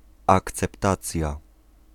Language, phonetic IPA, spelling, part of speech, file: Polish, [ˌakt͡sɛpˈtat͡sʲja], akceptacja, noun, Pl-akceptacja.ogg